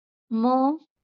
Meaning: The twenty-fourth consonant in Marathi
- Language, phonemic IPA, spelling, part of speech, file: Marathi, /mə/, म, character, LL-Q1571 (mar)-म.wav